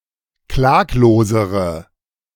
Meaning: inflection of klaglos: 1. strong/mixed nominative/accusative feminine singular comparative degree 2. strong nominative/accusative plural comparative degree
- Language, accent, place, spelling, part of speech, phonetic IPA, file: German, Germany, Berlin, klaglosere, adjective, [ˈklaːkloːzəʁə], De-klaglosere.ogg